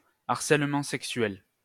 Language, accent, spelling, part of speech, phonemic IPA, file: French, France, harcèlement sexuel, noun, /aʁ.sɛl.mɑ̃ sɛk.sɥɛl/, LL-Q150 (fra)-harcèlement sexuel.wav
- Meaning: sexual harassment